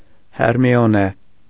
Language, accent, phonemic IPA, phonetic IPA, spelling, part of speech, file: Armenian, Eastern Armenian, /heɾmioˈne/, [heɾmi(j)oné], Հերմիոնե, proper noun, Hy-Հերմիոնե.ogg
- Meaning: Hermione